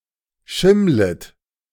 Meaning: second-person plural subjunctive I of schimmeln
- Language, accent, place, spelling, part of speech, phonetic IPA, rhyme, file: German, Germany, Berlin, schimmlet, verb, [ˈʃɪmlət], -ɪmlət, De-schimmlet.ogg